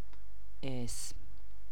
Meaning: 1. name 2. appellation 3. noun
- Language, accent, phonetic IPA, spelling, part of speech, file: Persian, Iran, [ʔesm], اسم, noun, Fa-اسم.ogg